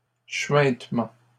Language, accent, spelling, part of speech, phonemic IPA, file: French, Canada, chuintements, noun, /ʃɥɛ̃t.mɑ̃/, LL-Q150 (fra)-chuintements.wav
- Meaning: plural of chuintement